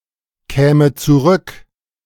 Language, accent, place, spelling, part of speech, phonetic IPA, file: German, Germany, Berlin, käme zurück, verb, [ˌkɛːmə t͡suˈʁʏk], De-käme zurück.ogg
- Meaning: first/third-person singular subjunctive II of zurückkommen